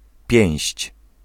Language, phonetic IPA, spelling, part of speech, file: Polish, [pʲjɛ̃w̃ɕt͡ɕ], pięść, noun, Pl-pięść.ogg